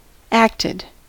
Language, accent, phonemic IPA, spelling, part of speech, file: English, US, /ˈæk.tɪd/, acted, verb, En-us-acted.ogg
- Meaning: simple past and past participle of act